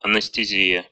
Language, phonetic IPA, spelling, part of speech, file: Russian, [ɐnɨstɨˈzʲijə], анестезия, noun, Ru-анестези́я.ogg
- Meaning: anesthesia (loss of bodily sensation)